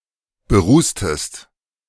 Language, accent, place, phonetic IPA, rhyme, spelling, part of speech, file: German, Germany, Berlin, [bəˈʁuːstəst], -uːstəst, berußtest, verb, De-berußtest.ogg
- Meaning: inflection of berußen: 1. second-person singular preterite 2. second-person singular subjunctive II